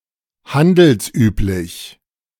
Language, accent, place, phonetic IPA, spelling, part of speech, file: German, Germany, Berlin, [ˈhandl̩sˌʔyːplɪç], handelsüblich, adjective, De-handelsüblich.ogg
- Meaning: 1. customary 2. commercial